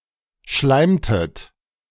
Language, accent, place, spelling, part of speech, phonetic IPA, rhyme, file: German, Germany, Berlin, schleimtet, verb, [ˈʃlaɪ̯mtət], -aɪ̯mtət, De-schleimtet.ogg
- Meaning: inflection of schleimen: 1. second-person plural preterite 2. second-person plural subjunctive II